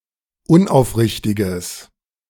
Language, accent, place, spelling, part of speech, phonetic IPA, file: German, Germany, Berlin, unaufrichtiges, adjective, [ˈʊnʔaʊ̯fˌʁɪçtɪɡəs], De-unaufrichtiges.ogg
- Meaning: strong/mixed nominative/accusative neuter singular of unaufrichtig